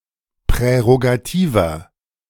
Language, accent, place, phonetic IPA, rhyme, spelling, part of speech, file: German, Germany, Berlin, [pʁɛʁoɡaˈtiːvɐ], -iːvɐ, prärogativer, adjective, De-prärogativer.ogg
- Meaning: inflection of prärogativ: 1. strong/mixed nominative masculine singular 2. strong genitive/dative feminine singular 3. strong genitive plural